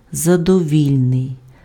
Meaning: satisfactory
- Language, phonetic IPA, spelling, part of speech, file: Ukrainian, [zɐdɔˈʋʲilʲnei̯], задовільний, adjective, Uk-задовільний.ogg